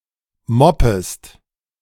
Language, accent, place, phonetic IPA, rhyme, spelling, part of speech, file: German, Germany, Berlin, [ˈmɔpəst], -ɔpəst, moppest, verb, De-moppest.ogg
- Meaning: second-person singular subjunctive I of moppen